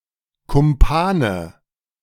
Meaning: 1. alternative form of Kumpan 2. nominative/accusative/genitive plural of Kumpan
- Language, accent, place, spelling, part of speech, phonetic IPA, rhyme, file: German, Germany, Berlin, Kumpane, noun, [kʊmˈpaːnə], -aːnə, De-Kumpane.ogg